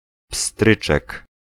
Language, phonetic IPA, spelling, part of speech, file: Polish, [ˈpstrɨt͡ʃɛk], pstryczek, noun, Pl-pstryczek.ogg